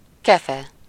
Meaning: brush (for rough cleaning)
- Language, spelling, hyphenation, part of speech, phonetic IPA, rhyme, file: Hungarian, kefe, ke‧fe, noun, [ˈkɛfɛ], -fɛ, Hu-kefe.ogg